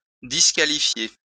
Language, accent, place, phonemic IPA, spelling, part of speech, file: French, France, Lyon, /dis.ka.li.fje/, disqualifier, verb, LL-Q150 (fra)-disqualifier.wav
- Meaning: to disqualify